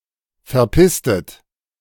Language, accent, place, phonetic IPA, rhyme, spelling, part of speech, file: German, Germany, Berlin, [fɛɐ̯ˈpɪstət], -ɪstət, verpisstet, verb, De-verpisstet.ogg
- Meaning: inflection of verpissen: 1. second-person plural preterite 2. second-person plural subjunctive II